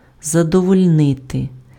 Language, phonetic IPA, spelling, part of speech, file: Ukrainian, [zɐdɔwɔlʲˈnɪte], задовольнити, verb, Uk-задовольнити.ogg
- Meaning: to satisfy, to gratify, to content